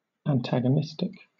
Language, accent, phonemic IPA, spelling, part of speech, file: English, Southern England, /ænˌtæɡ.əˈnɪs.tɪk/, antagonistic, adjective, LL-Q1860 (eng)-antagonistic.wav
- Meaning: 1. Contending or acting against 2. Relating to an antagonist